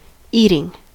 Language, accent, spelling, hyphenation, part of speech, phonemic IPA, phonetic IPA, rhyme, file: English, US, eating, eat‧ing, verb / adjective / noun, /ˈi.tɪŋ/, [ˈi.ɾɪŋ], -iːtɪŋ, En-us-eating.ogg
- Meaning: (verb) present participle and gerund of eat; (adjective) 1. Bred to be eaten 2. Suitable to be eaten without being cooked; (noun) 1. The act of ingesting food 2. Food; cooking, cuisine